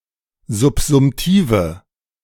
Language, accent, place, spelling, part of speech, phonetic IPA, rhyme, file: German, Germany, Berlin, subsumtive, adjective, [zʊpzʊmˈtiːvə], -iːvə, De-subsumtive.ogg
- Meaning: inflection of subsumtiv: 1. strong/mixed nominative/accusative feminine singular 2. strong nominative/accusative plural 3. weak nominative all-gender singular